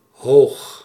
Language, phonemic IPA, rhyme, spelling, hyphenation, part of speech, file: Dutch, /ɦoːx/, -oːx, hoog, hoog, adjective, Nl-hoog.ogg
- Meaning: high